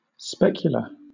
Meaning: 1. Pertaining to mirrors; mirror-like, reflective 2. Of or relating to a speculum; conducted with the aid of a speculum 3. Assisting sight, like a lens etc 4. Offering an expansive view; picturesque
- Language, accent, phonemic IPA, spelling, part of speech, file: English, Southern England, /ˈspɛk.jʊ.lə/, specular, adjective, LL-Q1860 (eng)-specular.wav